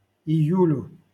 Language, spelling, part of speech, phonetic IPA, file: Russian, июлю, noun, [ɪˈjʉlʲʊ], LL-Q7737 (rus)-июлю.wav
- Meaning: dative singular of ию́ль (ijúlʹ)